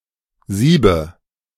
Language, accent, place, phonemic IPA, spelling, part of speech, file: German, Germany, Berlin, /ˈziːbə/, Siebe, noun, De-Siebe.ogg
- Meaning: nominative/accusative/genitive plural of Sieb